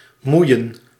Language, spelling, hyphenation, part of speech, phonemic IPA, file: Dutch, moeien, moe‧ien, verb, /ˈmui̯ə(n)/, Nl-moeien.ogg
- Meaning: 1. to annoy, to bother 2. to involve 3. to involve oneself